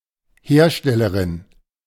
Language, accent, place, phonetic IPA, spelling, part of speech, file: German, Germany, Berlin, [ˈheːɐ̯ˌʃtɛləʁɪn], Herstellerin, noun, De-Herstellerin.ogg
- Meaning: feminine equivalent of Hersteller m